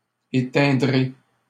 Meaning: first-person singular future of éteindre
- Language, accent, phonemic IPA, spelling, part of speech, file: French, Canada, /e.tɛ̃.dʁe/, éteindrai, verb, LL-Q150 (fra)-éteindrai.wav